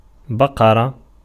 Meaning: cow
- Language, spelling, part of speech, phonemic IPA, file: Arabic, بقرة, noun, /ba.qa.ra/, Ar-بقرة.ogg